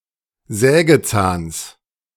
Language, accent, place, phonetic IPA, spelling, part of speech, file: German, Germany, Berlin, [ˈzɛːɡəˌt͡saːns], Sägezahns, noun, De-Sägezahns.ogg
- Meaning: genitive of Sägezahn